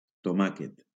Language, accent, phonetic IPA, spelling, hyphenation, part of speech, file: Catalan, Valencia, [toˈma.ket], tomàquet, to‧mà‧quet, noun, LL-Q7026 (cat)-tomàquet.wav
- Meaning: tomato